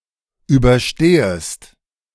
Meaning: second-person singular subjunctive I of überstehen
- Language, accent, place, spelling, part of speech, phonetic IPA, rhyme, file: German, Germany, Berlin, überstehest, verb, [ˌyːbɐˈʃteːəst], -eːəst, De-überstehest.ogg